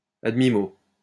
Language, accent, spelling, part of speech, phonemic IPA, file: French, France, à demi-mot, adverb, /a d(ə).mi.mo/, LL-Q150 (fra)-à demi-mot.wav
- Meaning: half-spoken, in a way that is hinted at